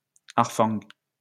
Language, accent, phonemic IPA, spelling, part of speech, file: French, France, /aʁ.fɑ̃/, harfang, noun, LL-Q150 (fra)-harfang.wav
- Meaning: snowy owl (Bubo scandiacus)